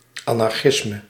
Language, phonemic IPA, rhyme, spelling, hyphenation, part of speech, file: Dutch, /ˌɑ.nɑrˈxɪs.mə/, -ɪsmə, anarchisme, an‧ar‧chis‧me, noun, Nl-anarchisme.ogg
- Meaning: 1. anarchism 2. anarchy